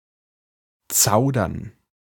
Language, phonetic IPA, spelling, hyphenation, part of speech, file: German, [ˈt͡saʊ̯dɐn], zaudern, zau‧dern, verb, De-zaudern.ogg
- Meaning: to hesitate; dilly-dally